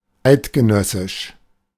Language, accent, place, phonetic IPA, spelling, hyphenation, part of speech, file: German, Germany, Berlin, [ˈʔaɪ̯tɡəˌnœsɪʃ], eidgenössisch, eid‧ge‧nös‧sisch, adjective, De-eidgenössisch.ogg
- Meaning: 1. confederate 2. Swiss